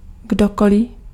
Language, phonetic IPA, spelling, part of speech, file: Czech, [ˈɡdokolɪ], kdokoli, pronoun, Cs-kdokoli.ogg
- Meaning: anyone, anybody